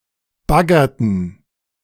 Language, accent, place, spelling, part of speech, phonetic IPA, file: German, Germany, Berlin, baggerten, verb, [ˈbaɡɐtn̩], De-baggerten.ogg
- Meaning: inflection of baggern: 1. first/third-person plural preterite 2. first/third-person plural subjunctive II